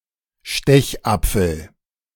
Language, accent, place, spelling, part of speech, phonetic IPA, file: German, Germany, Berlin, Stechapfel, noun, [ˈʃtɛçˌʔap͡fl̩], De-Stechapfel.ogg
- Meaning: 1. thorn apple, Datura stramonium 2. holly, European holly (Ilex or Ilex aquifolium)